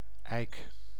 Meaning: 1. oak tree (tree of the genus Quercus) 2. oak wood
- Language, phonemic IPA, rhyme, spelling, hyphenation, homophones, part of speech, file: Dutch, /ɛi̯k/, -ɛi̯k, eik, eik, ijk, noun, Nl-eik.ogg